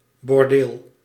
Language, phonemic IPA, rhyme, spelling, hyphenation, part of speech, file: Dutch, /bɔrˈdeːl/, -eːl, bordeel, bor‧deel, noun, Nl-bordeel.ogg
- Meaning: brothel, bordello